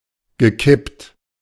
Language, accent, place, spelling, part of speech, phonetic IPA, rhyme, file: German, Germany, Berlin, gekippt, adjective / verb, [ɡəˈkɪpt], -ɪpt, De-gekippt.ogg
- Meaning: past participle of kippen